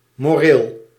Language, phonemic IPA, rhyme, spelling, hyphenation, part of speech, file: Dutch, /moːˈreːl/, -eːl, moreel, mo‧reel, adjective / noun, Nl-moreel.ogg
- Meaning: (adjective) moral; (noun) 1. obsolete form of moraal 2. morale